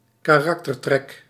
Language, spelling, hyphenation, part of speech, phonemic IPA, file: Dutch, karaktertrek, ka‧rak‧ter‧trek, noun, /kaːˈrɑk.tərˌtrɛk/, Nl-karaktertrek.ogg
- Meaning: a character trait